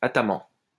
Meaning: ataman
- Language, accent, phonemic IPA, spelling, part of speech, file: French, France, /a.ta.mɑ̃/, ataman, noun, LL-Q150 (fra)-ataman.wav